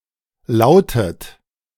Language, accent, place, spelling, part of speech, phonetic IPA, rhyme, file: German, Germany, Berlin, lautet, verb, [ˈlaʊ̯tət], -aʊ̯tət, De-lautet.ogg
- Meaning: inflection of lauten: 1. third-person singular present 2. second-person plural present